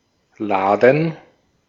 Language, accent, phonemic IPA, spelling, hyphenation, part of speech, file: German, Austria, /ˈlaːdən/, Laden, La‧den, noun, De-at-Laden.ogg
- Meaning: shop, store (establishment that sells goods or services to the public; originally only a physical location, but now a virtual establishment as well)